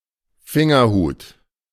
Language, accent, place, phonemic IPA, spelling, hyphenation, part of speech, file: German, Germany, Berlin, /ˈfɪŋɐˌhuːt/, Fingerhut, Fin‧ger‧hut, noun, De-Fingerhut.ogg
- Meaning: 1. thimble 2. digitalis, foxglove